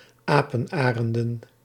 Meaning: plural of apenarend
- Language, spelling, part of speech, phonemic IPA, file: Dutch, apenarenden, noun, /ˈapənˌarəndə(n)/, Nl-apenarenden.ogg